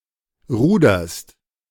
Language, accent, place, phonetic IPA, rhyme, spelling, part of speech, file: German, Germany, Berlin, [ˈʁuːdɐst], -uːdɐst, ruderst, verb, De-ruderst.ogg
- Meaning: second-person singular present of rudern